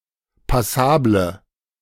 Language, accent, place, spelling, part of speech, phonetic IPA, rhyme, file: German, Germany, Berlin, passable, adjective, [paˈsaːblə], -aːblə, De-passable.ogg
- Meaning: inflection of passabel: 1. strong/mixed nominative/accusative feminine singular 2. strong nominative/accusative plural 3. weak nominative all-gender singular